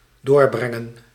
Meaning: to spend (time)
- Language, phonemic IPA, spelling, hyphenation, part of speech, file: Dutch, /ˈdoːrbrɛŋə(n)/, doorbrengen, door‧bren‧gen, verb, Nl-doorbrengen.ogg